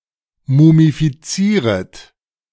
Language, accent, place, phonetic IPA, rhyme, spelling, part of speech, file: German, Germany, Berlin, [mumifiˈt͡siːʁət], -iːʁət, mumifizieret, verb, De-mumifizieret.ogg
- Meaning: second-person plural subjunctive I of mumifizieren